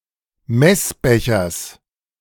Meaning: genitive of Messbecher
- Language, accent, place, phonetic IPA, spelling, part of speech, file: German, Germany, Berlin, [ˈmɛsˌbɛçɐs], Messbechers, noun, De-Messbechers.ogg